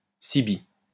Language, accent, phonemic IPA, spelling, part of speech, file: French, France, /se.be/, CB, proper noun / noun, LL-Q150 (fra)-CB.wav
- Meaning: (proper noun) abbreviation of Colombie-Britannique (“British Columbia”); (noun) 1. initialism of carte bleue 2. initialism of carte bancaire 3. initialism of canal banalisé (“citizens' band”)